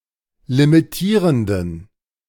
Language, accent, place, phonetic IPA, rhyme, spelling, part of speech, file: German, Germany, Berlin, [limiˈtiːʁəndn̩], -iːʁəndn̩, limitierenden, adjective, De-limitierenden.ogg
- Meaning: inflection of limitierend: 1. strong genitive masculine/neuter singular 2. weak/mixed genitive/dative all-gender singular 3. strong/weak/mixed accusative masculine singular 4. strong dative plural